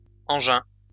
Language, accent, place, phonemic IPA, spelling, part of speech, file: French, France, Lyon, /ɑ̃.ʒɛ̃/, engins, noun, LL-Q150 (fra)-engins.wav
- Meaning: plural of engin